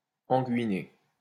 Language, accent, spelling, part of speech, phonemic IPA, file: French, France, anguiné, adjective, /ɑ̃.ɡi.ne/, LL-Q150 (fra)-anguiné.wav
- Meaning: anguineal